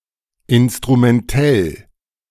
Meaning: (adjective) instrumental; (adverb) instrumentally
- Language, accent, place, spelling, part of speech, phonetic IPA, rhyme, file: German, Germany, Berlin, instrumentell, adjective, [ˌɪnstʁumɛnˈtɛl], -ɛl, De-instrumentell.ogg